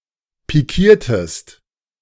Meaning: inflection of pikieren: 1. second-person singular preterite 2. second-person singular subjunctive II
- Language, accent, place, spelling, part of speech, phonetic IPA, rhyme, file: German, Germany, Berlin, pikiertest, verb, [piˈkiːɐ̯təst], -iːɐ̯təst, De-pikiertest.ogg